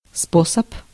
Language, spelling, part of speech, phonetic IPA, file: Russian, способ, noun, [ˈsposəp], Ru-способ.ogg
- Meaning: method, means, manner, mode, way